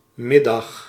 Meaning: 1. midday, noon 2. afternoon (period from 12 PM to 6 PM) 3. afternoon and early evening (period from 12 PM to 7 PM)
- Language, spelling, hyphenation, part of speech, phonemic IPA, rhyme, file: Dutch, middag, mid‧dag, noun, /ˈmɪ.dɑx/, -ɪdɑx, Nl-middag.ogg